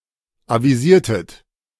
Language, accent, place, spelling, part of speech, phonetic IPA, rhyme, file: German, Germany, Berlin, avisiertet, verb, [ˌaviˈziːɐ̯tət], -iːɐ̯tət, De-avisiertet.ogg
- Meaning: inflection of avisieren: 1. second-person plural preterite 2. second-person plural subjunctive II